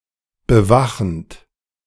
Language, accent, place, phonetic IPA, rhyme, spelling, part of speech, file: German, Germany, Berlin, [bəˈvaxn̩t], -axn̩t, bewachend, verb, De-bewachend.ogg
- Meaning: present participle of bewachen